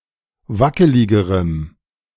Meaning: strong dative masculine/neuter singular comparative degree of wackelig
- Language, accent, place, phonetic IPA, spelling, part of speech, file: German, Germany, Berlin, [ˈvakəlɪɡəʁəm], wackeligerem, adjective, De-wackeligerem.ogg